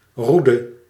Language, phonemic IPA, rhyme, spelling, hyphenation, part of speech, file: Dutch, /ˈru.də/, -udə, roede, roe‧de, noun, Nl-roede.ogg
- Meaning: 1. a rod, woody branch or staff, notably as a symbol of authority 2. a rod, similar object in various materials (e.g. for a curtain)